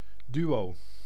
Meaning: twosome
- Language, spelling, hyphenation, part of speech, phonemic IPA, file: Dutch, duo, duo, noun, /ˈdy(ʋ)oː/, Nl-duo.ogg